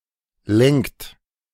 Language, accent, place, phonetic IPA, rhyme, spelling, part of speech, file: German, Germany, Berlin, [lɛŋkt], -ɛŋkt, lenkt, verb, De-lenkt.ogg
- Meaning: inflection of lenken: 1. third-person singular present 2. second-person plural present 3. plural imperative